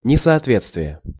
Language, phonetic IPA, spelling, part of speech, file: Russian, [nʲɪsɐɐtˈvʲet͡stvʲɪje], несоответствие, noun, Ru-несоответствие.ogg
- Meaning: discrepancy, disparity, lack of correspondence